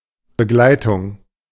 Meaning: 1. Accompaniment; working together in partnership 2. The act of enabling individuals and communities to become more included and active citizens
- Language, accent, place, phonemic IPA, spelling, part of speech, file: German, Germany, Berlin, /bəˈɡlaɪ̯tʊŋ/, Begleitung, noun, De-Begleitung.ogg